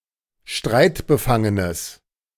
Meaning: strong/mixed nominative/accusative neuter singular of streitbefangen
- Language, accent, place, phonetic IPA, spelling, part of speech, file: German, Germany, Berlin, [ˈʃtʁaɪ̯tbəˌfaŋənəs], streitbefangenes, adjective, De-streitbefangenes.ogg